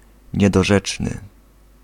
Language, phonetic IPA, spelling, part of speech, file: Polish, [ˌɲɛdɔˈʒɛt͡ʃnɨ], niedorzeczny, adjective, Pl-niedorzeczny.ogg